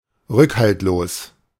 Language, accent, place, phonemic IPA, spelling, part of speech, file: German, Germany, Berlin, /ˈʁʏkhaltloːs/, rückhaltlos, adjective, De-rückhaltlos.ogg
- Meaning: uncompromising